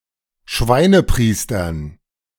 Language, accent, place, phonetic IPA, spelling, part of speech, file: German, Germany, Berlin, [ˈʃvaɪ̯nəˌpʁiːstɐn], Schweinepriestern, noun, De-Schweinepriestern.ogg
- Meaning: dative plural of Schweinepriester